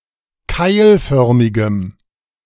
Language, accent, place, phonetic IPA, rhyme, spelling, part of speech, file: German, Germany, Berlin, [ˈkaɪ̯lˌfœʁmɪɡəm], -aɪ̯lfœʁmɪɡəm, keilförmigem, adjective, De-keilförmigem.ogg
- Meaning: strong dative masculine/neuter singular of keilförmig